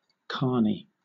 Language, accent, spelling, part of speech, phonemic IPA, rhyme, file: English, Southern England, carny, noun, /ˈkɑː(ɹ)ni/, -ɑː(ɹ)ni, LL-Q1860 (eng)-carny.wav
- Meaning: 1. A person who works in a carnival (often one who uses exaggerated showmanship or fraud) 2. The jargon used by carnival workers 3. A carnival